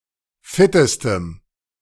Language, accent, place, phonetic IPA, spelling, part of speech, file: German, Germany, Berlin, [ˈfɪtəstəm], fittestem, adjective, De-fittestem.ogg
- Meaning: strong dative masculine/neuter singular superlative degree of fit